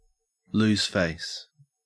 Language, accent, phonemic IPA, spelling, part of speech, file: English, Australia, /ˌluːz ˈfeɪs/, lose face, verb, En-au-lose face.ogg
- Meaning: To lose the respect of others; to be humiliated or experience public disgrace